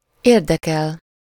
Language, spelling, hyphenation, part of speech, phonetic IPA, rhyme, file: Hungarian, érdekel, ér‧de‧kel, verb, [ˈeːrdɛkɛl], -ɛl, Hu-érdekel.ogg
- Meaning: to concern, interest, be interested in something